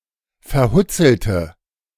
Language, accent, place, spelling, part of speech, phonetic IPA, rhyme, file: German, Germany, Berlin, verhutzelte, adjective, [fɛɐ̯ˈhʊt͡sl̩tə], -ʊt͡sl̩tə, De-verhutzelte.ogg
- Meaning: inflection of verhutzelt: 1. strong/mixed nominative/accusative feminine singular 2. strong nominative/accusative plural 3. weak nominative all-gender singular